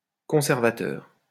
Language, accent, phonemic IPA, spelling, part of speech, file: French, France, /kɔ̃.sɛʁ.va.tœʁ/, conservateur, noun / adjective, LL-Q150 (fra)-conservateur.wav
- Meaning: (noun) 1. keeper, curator, custodian 2. conservative 3. Conservative 4. preservative